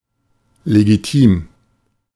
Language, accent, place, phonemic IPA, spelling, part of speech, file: German, Germany, Berlin, /leɡiˈtiːm/, legitim, adjective, De-legitim.ogg
- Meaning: 1. legitimate, justified by law, morals or custom 2. legitimate, i.e. marital